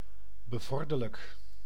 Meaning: advantageous; favorable (US), favourable (Commonwealth)
- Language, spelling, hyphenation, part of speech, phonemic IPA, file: Dutch, bevorderlijk, be‧vor‧der‧lijk, adjective, /bəˈvɔr.dər.lək/, Nl-bevorderlijk.ogg